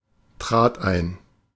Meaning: first/third-person singular preterite of eintreten
- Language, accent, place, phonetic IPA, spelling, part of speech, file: German, Germany, Berlin, [tʁaːt ˈaɪ̯n], trat ein, verb, De-trat ein.ogg